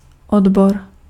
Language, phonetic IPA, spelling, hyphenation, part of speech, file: Czech, [ˈodbor], odbor, od‧bor, noun, Cs-odbor.ogg
- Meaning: 1. section, department 2. discipline (specific branch of knowledge or learning)